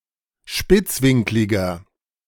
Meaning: inflection of spitzwinklig: 1. strong/mixed nominative masculine singular 2. strong genitive/dative feminine singular 3. strong genitive plural
- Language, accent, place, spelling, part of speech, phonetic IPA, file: German, Germany, Berlin, spitzwinkliger, adjective, [ˈʃpɪt͡sˌvɪŋklɪɡɐ], De-spitzwinkliger.ogg